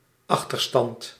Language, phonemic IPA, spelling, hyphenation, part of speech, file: Dutch, /ˈɑx.tərˌstɑnt/, achterstand, ach‧ter‧stand, noun, Nl-achterstand.ogg
- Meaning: 1. delay, retardation; the state of being behind others (e.g. peers) 2. the condition of being behind one's opponent(s); the score or quantity that forms the deficit 3. backlog